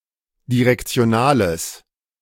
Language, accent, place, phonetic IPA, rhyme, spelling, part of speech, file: German, Germany, Berlin, [diʁɛkt͡si̯oˈnaːləs], -aːləs, direktionales, adjective, De-direktionales.ogg
- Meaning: strong/mixed nominative/accusative neuter singular of direktional